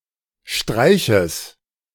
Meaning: genitive singular of Streich
- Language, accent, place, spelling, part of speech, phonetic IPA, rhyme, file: German, Germany, Berlin, Streiches, noun, [ˈʃtʁaɪ̯çəs], -aɪ̯çəs, De-Streiches.ogg